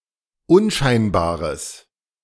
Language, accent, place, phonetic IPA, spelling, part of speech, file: German, Germany, Berlin, [ˈʊnˌʃaɪ̯nbaːʁəs], unscheinbares, adjective, De-unscheinbares.ogg
- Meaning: strong/mixed nominative/accusative neuter singular of unscheinbar